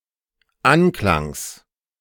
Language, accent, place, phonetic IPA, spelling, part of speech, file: German, Germany, Berlin, [ˈanklaŋs], Anklangs, noun, De-Anklangs.ogg
- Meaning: genitive of Anklang